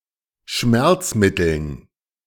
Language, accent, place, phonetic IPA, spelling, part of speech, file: German, Germany, Berlin, [ˈʃmɛʁt͡sˌmɪtl̩n], Schmerzmitteln, noun, De-Schmerzmitteln.ogg
- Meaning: dative plural of Schmerzmittel